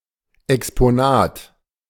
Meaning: exhibit
- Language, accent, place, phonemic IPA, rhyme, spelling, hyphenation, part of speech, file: German, Germany, Berlin, /ɛkspoˈnaːt/, -aːt, Exponat, Ex‧po‧nat, noun, De-Exponat.ogg